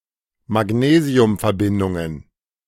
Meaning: plural of Magnesiumverbindung
- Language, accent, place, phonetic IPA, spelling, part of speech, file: German, Germany, Berlin, [maˈɡneːzi̯ʊmfɛɐ̯ˌbɪndʊŋən], Magnesiumverbindungen, noun, De-Magnesiumverbindungen.ogg